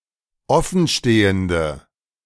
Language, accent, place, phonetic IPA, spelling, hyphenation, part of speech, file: German, Germany, Berlin, [ˈɔfn̩ˌʃteːəndə], offenstehende, of‧fen‧ste‧hen‧de, adjective, De-offenstehende.ogg
- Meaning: inflection of offenstehend: 1. strong/mixed nominative/accusative feminine singular 2. strong nominative/accusative plural 3. weak nominative all-gender singular